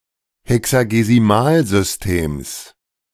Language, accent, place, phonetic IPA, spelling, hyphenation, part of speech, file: German, Germany, Berlin, [ˌhɛksaɡeziˈmaːlzʏsˌteːms], Hexagesimalsystems, He‧xa‧ge‧si‧mal‧sys‧tems, noun, De-Hexagesimalsystems.ogg
- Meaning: genitive singular of Hexagesimalsystem